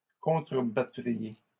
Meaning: second-person plural conditional of contrebattre
- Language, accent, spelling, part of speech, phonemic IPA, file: French, Canada, contrebattriez, verb, /kɔ̃.tʁə.ba.tʁi.je/, LL-Q150 (fra)-contrebattriez.wav